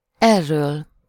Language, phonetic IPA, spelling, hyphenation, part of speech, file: Hungarian, [ˈɛrːøːl], erről, er‧ről, pronoun / adverb, Hu-erről.ogg
- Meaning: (pronoun) delative singular of ez; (adverb) from this direction, from this (nearby) place